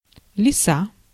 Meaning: 1. fox (Vulpes vulpes) 2. vixen, female fox 3. fox fur 4. a foxy fellow/girl
- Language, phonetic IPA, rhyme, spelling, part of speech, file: Russian, [lʲɪˈsa], -a, лиса, noun, Ru-лиса.ogg